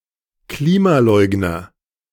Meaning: climate denier, climate denialist (a supporter of climate denialism)
- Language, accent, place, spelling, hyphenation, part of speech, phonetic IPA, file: German, Germany, Berlin, Klimaleugner, Kli‧ma‧leug‧ner, noun, [ˈkliːmaˌlɔɪ̯ɡnɐ], De-Klimaleugner.ogg